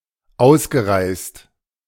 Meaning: past participle of ausreisen
- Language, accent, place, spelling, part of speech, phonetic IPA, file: German, Germany, Berlin, ausgereist, verb, [ˈaʊ̯sɡəˌʁaɪ̯st], De-ausgereist.ogg